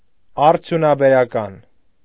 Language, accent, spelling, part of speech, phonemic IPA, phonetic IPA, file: Armenian, Eastern Armenian, արդյունաբերական, adjective, /ɑɾtʰjunɑbeɾɑˈkɑn/, [ɑɾtʰjunɑbeɾɑkɑ́n], Hy-արդյունաբերական.ogg
- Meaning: industrial